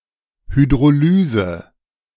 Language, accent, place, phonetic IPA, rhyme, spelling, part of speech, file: German, Germany, Berlin, [hydʁoˈlyːzə], -yːzə, Hydrolyse, noun, De-Hydrolyse.ogg
- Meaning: hydrolysis